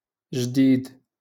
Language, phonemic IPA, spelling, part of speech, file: Moroccan Arabic, /ʒdiːd/, جديد, adjective, LL-Q56426 (ary)-جديد.wav
- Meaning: new